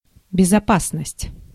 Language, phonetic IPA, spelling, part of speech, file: Russian, [bʲɪzɐˈpasnəsʲtʲ], безопасность, noun, Ru-безопасность.ogg
- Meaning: 1. safety 2. security